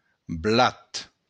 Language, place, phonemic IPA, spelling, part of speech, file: Occitan, Béarn, /ˈblat/, blat, noun, LL-Q14185 (oci)-blat.wav
- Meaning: wheat